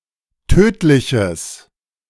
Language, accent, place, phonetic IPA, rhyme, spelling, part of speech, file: German, Germany, Berlin, [ˈtøːtlɪçəs], -øːtlɪçəs, tödliches, adjective, De-tödliches.ogg
- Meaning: strong/mixed nominative/accusative neuter singular of tödlich